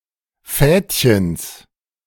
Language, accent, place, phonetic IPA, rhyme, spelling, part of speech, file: German, Germany, Berlin, [ˈfɛːtçəns], -ɛːtçəns, Fädchens, noun, De-Fädchens.ogg
- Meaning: genitive singular of Fädchen